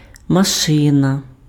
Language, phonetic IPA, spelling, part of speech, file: Ukrainian, [mɐˈʃɪnɐ], машина, noun, Uk-машина.ogg
- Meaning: 1. car, automobile, motor vehicle 2. machine 3. mechanism 4. agricultural implement / farm equipment, especially a threshing machine, or tractor